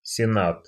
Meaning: senate
- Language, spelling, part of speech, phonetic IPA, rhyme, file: Russian, сенат, noun, [sʲɪˈnat], -at, Ru-сенат.ogg